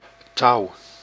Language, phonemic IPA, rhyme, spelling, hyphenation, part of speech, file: Dutch, /tɑu̯/, -ɑu̯, touw, touw, noun, Nl-touw.ogg
- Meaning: 1. rope 2. string 3. clipping of getouw (“loom”)